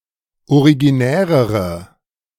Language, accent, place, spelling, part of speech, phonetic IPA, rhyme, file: German, Germany, Berlin, originärere, adjective, [oʁiɡiˈnɛːʁəʁə], -ɛːʁəʁə, De-originärere.ogg
- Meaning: inflection of originär: 1. strong/mixed nominative/accusative feminine singular comparative degree 2. strong nominative/accusative plural comparative degree